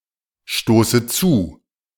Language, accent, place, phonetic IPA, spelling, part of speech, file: German, Germany, Berlin, [ˌʃtoːsə ˈt͡suː], stoße zu, verb, De-stoße zu.ogg
- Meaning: inflection of zustoßen: 1. first-person singular present 2. first/third-person singular subjunctive I 3. singular imperative